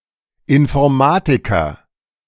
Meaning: computer scientist, person who has studied computer science (male or of unspecified gender)
- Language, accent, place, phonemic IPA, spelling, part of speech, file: German, Germany, Berlin, /ɪnfɔɐ̯ˈmaːtɪkɐ/, Informatiker, noun, De-Informatiker.ogg